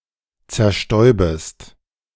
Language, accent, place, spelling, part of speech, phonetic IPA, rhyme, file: German, Germany, Berlin, zerstäubest, verb, [t͡sɛɐ̯ˈʃtɔɪ̯bəst], -ɔɪ̯bəst, De-zerstäubest.ogg
- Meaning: second-person singular subjunctive I of zerstäuben